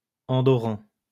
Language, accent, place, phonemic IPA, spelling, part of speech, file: French, France, Lyon, /ɑ̃.dɔ.ʁɑ̃/, andorran, adjective, LL-Q150 (fra)-andorran.wav
- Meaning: Andorran